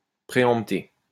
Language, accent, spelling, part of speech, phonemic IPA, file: French, France, préempter, verb, /pʁe.ɑ̃p.te/, LL-Q150 (fra)-préempter.wav
- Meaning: to preempt